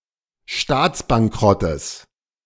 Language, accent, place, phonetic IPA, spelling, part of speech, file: German, Germany, Berlin, [ˈʃtaːt͡sbaŋˌkʁɔtəs], Staatsbankrottes, noun, De-Staatsbankrottes.ogg
- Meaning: genitive singular of Staatsbankrott